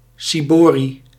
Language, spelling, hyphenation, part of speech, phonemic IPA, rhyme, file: Dutch, ciborie, ci‧bo‧rie, noun, /ˌsiˈboːri/, -oːri, Nl-ciborie.ogg
- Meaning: ciborium (covered receptacle for holding the consecrated wafers of the Eucharist)